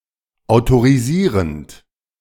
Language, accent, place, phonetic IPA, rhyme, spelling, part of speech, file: German, Germany, Berlin, [aʊ̯toʁiˈziːʁənt], -iːʁənt, autorisierend, verb, De-autorisierend.ogg
- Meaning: present participle of autorisieren